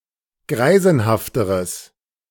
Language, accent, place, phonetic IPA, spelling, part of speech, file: German, Germany, Berlin, [ˈɡʁaɪ̯zn̩haftəʁəs], greisenhafteres, adjective, De-greisenhafteres.ogg
- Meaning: strong/mixed nominative/accusative neuter singular comparative degree of greisenhaft